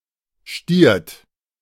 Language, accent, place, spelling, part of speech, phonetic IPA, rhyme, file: German, Germany, Berlin, stiert, verb, [ʃtiːɐ̯t], -iːɐ̯t, De-stiert.ogg
- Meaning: inflection of stieren: 1. second-person plural present 2. third-person singular present 3. plural imperative